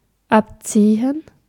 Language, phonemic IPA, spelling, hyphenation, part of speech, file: German, /ˈʔaptsiːən/, abziehen, ab‧zie‧hen, verb, De-abziehen.ogg
- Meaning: 1. to subtract, to deduct 2. to pull out 3. to leave 4. to pull the trigger 5. to rip off (to cheat, to charge an exorbitant or unfair rate) 6. to skin (an animal) 7. to sharpen (a blade)